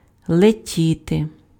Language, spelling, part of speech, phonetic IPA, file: Ukrainian, летіти, verb, [ɫeˈtʲite], Uk-летіти.ogg
- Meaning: 1. to fly 2. to fall 3. to hasten 4. to pass, to go by (of time) 5. to be carried back (of thoughts, feelings etc.)